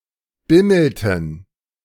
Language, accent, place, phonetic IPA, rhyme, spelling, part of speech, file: German, Germany, Berlin, [ˈbɪml̩tn̩], -ɪml̩tn̩, bimmelten, verb, De-bimmelten.ogg
- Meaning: inflection of bimmeln: 1. first/third-person plural preterite 2. first/third-person plural subjunctive II